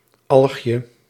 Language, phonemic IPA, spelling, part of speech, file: Dutch, /ˈɑlxjə/, algje, noun, Nl-algje.ogg
- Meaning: diminutive of alg